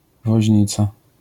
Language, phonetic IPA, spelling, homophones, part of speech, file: Polish, [vɔʑˈɲit͡sa], woźnica, Woźnica, noun, LL-Q809 (pol)-woźnica.wav